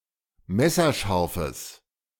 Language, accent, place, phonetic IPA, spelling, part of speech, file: German, Germany, Berlin, [ˈmɛsɐˌʃaʁfəs], messerscharfes, adjective, De-messerscharfes.ogg
- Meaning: strong/mixed nominative/accusative neuter singular of messerscharf